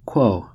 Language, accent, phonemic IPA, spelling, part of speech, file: English, US, /kwoʊ/, quo, verb / noun, En-us-quo.ogg
- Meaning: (verb) quoth; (noun) Paired with quid, in reference to the phrase quid pro quo (“this for that”): something given in exchange for something else